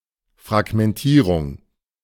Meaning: fragmentation (act of fragmenting or something fragmented; disintegration)
- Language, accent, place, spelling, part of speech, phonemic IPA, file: German, Germany, Berlin, Fragmentierung, noun, /fʁaɡmɛnˈtiːʁʊŋ/, De-Fragmentierung.ogg